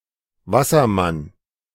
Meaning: 1. Aquarius, Aquarian 2. merman, water sprite, water spirit
- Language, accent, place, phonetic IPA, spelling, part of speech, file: German, Germany, Berlin, [ˈvasɐˌman], Wassermann, noun, De-Wassermann.ogg